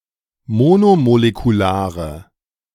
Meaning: inflection of monomolekular: 1. strong/mixed nominative/accusative feminine singular 2. strong nominative/accusative plural 3. weak nominative all-gender singular
- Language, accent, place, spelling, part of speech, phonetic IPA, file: German, Germany, Berlin, monomolekulare, adjective, [ˈmoːnomolekuˌlaːʁə], De-monomolekulare.ogg